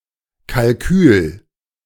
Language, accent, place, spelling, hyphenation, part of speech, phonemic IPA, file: German, Germany, Berlin, Kalkül, Kal‧kül, noun, /kalˈkyːl/, De-Kalkül.ogg
- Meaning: 1. calculus (formal system) 2. calculations, strategy, stratagem